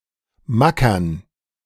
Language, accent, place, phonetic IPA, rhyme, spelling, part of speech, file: German, Germany, Berlin, [ˈmakɐn], -akɐn, Mackern, noun, De-Mackern.ogg
- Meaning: dative plural of Macker